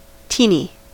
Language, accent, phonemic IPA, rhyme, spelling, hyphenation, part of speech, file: English, US, /ˈti.ni/, -iːni, teeny, tee‧ny, adjective / noun, En-us-teeny.ogg
- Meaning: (adjective) Very small; tiny; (noun) A teenager; a teenybopper